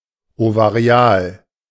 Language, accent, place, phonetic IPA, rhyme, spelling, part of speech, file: German, Germany, Berlin, [ovaˈʁi̯aːl], -aːl, ovarial, adjective, De-ovarial.ogg
- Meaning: ovarian, ovarial